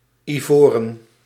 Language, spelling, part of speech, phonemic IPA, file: Dutch, ivoren, adjective / noun, /iˈvorə(n)/, Nl-ivoren.ogg
- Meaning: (adjective) ivory; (noun) plural of ivoor